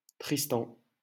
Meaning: 1. a male given name, equivalent to English Tristan 2. a French surname
- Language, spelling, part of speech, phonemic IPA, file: French, Tristan, proper noun, /tʁis.tɑ̃/, LL-Q150 (fra)-Tristan.wav